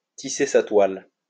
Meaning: to scheme
- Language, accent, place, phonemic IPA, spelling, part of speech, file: French, France, Lyon, /ti.se sa twal/, tisser sa toile, verb, LL-Q150 (fra)-tisser sa toile.wav